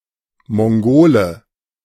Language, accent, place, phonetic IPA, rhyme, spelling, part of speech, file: German, Germany, Berlin, [mɔŋˈɡoːlə], -oːlə, Mongole, noun, De-Mongole.ogg
- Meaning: Mongolian (native or inhabitant of Mongolia)